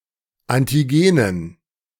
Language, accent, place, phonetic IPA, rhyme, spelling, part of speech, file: German, Germany, Berlin, [ˌantiˈɡeːnən], -eːnən, Antigenen, noun, De-Antigenen.ogg
- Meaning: dative plural of Antigen